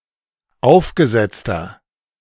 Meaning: inflection of aufgesetzt: 1. strong/mixed nominative masculine singular 2. strong genitive/dative feminine singular 3. strong genitive plural
- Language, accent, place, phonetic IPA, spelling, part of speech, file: German, Germany, Berlin, [ˈaʊ̯fɡəˌzɛt͡stɐ], aufgesetzter, adjective, De-aufgesetzter.ogg